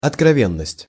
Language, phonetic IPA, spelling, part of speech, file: Russian, [ɐtkrɐˈvʲenːəsʲtʲ], откровенность, noun, Ru-откровенность.ogg
- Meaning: candour, sincerity, openness